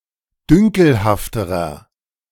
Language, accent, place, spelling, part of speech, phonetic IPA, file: German, Germany, Berlin, dünkelhafterer, adjective, [ˈdʏŋkl̩haftəʁɐ], De-dünkelhafterer.ogg
- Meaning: inflection of dünkelhaft: 1. strong/mixed nominative masculine singular comparative degree 2. strong genitive/dative feminine singular comparative degree 3. strong genitive plural comparative degree